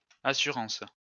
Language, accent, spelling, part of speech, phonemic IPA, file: French, France, assurances, noun, /a.sy.ʁɑ̃s/, LL-Q150 (fra)-assurances.wav
- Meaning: plural of assurance